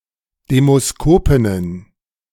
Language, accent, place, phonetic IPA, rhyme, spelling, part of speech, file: German, Germany, Berlin, [demoˈskoːpɪnən], -oːpɪnən, Demoskopinnen, noun, De-Demoskopinnen.ogg
- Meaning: plural of Demoskopin